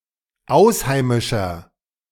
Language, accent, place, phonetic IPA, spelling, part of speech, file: German, Germany, Berlin, [ˈaʊ̯sˌhaɪ̯mɪʃɐ], ausheimischer, adjective, De-ausheimischer.ogg
- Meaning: inflection of ausheimisch: 1. strong/mixed nominative masculine singular 2. strong genitive/dative feminine singular 3. strong genitive plural